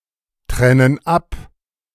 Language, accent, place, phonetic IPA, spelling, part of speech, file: German, Germany, Berlin, [ˌtʁɛnən ˈap], trennen ab, verb, De-trennen ab.ogg
- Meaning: inflection of abtrennen: 1. first/third-person plural present 2. first/third-person plural subjunctive I